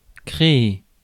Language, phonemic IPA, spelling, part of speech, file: French, /kʁe.e/, créer, verb, Fr-créer.ogg
- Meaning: to create